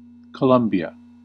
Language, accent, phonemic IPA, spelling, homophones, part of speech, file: English, US, /kəˈlʌm.bi.ə/, Colombia, Columbia, proper noun, En-us-Colombia.ogg
- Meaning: A country in South America. Official name: Republic of Colombia. Capital: Bogotá